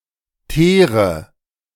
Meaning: inflection of teeren: 1. first-person singular present 2. first/third-person singular subjunctive I 3. singular imperative
- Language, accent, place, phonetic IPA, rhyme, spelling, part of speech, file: German, Germany, Berlin, [ˈteːʁə], -eːʁə, teere, verb, De-teere.ogg